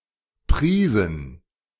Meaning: inflection of preisen: 1. first/third-person plural preterite 2. first/third-person plural subjunctive II
- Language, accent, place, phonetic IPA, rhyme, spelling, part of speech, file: German, Germany, Berlin, [ˈpʁiːzn̩], -iːzn̩, priesen, verb, De-priesen.ogg